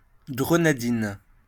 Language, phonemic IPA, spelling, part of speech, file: French, /ɡʁə.na.din/, grenadine, noun / adjective, LL-Q150 (fra)-grenadine.wav
- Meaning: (noun) grenadine; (adjective) feminine singular of grenadin